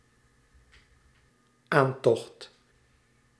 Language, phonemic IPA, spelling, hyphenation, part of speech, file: Dutch, /ˈaːnˌtɔxt/, aantocht, aan‧tocht, noun, Nl-aantocht.ogg
- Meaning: 1. approach 2. attack